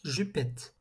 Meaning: short skirt
- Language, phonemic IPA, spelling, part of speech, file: French, /ʒy.pɛt/, jupette, noun, LL-Q150 (fra)-jupette.wav